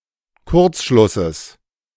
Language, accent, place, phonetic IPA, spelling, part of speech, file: German, Germany, Berlin, [ˈkʊʁt͡sˌʃlʊsəs], Kurzschlusses, noun, De-Kurzschlusses.ogg
- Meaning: genitive of Kurzschluss